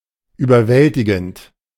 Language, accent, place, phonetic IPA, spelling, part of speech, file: German, Germany, Berlin, [yːbɐˈvɛltɪɡn̩t], überwältigend, adjective / verb, De-überwältigend.ogg
- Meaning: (verb) present participle of überwältigen; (adjective) overwhelming; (adverb) overwhelmingly